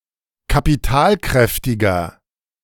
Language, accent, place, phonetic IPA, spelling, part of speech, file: German, Germany, Berlin, [kapiˈtaːlˌkʁɛftɪɡɐ], kapitalkräftiger, adjective, De-kapitalkräftiger.ogg
- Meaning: 1. comparative degree of kapitalkräftig 2. inflection of kapitalkräftig: strong/mixed nominative masculine singular 3. inflection of kapitalkräftig: strong genitive/dative feminine singular